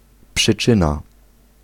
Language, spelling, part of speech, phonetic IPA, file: Polish, przyczyna, noun, [pʃɨˈt͡ʃɨ̃na], Pl-przyczyna.ogg